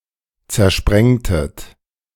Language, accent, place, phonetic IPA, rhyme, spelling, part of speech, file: German, Germany, Berlin, [t͡sɛɐ̯ˈʃpʁɛŋtət], -ɛŋtət, zersprengtet, verb, De-zersprengtet.ogg
- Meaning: inflection of zersprengen: 1. second-person plural preterite 2. second-person plural subjunctive II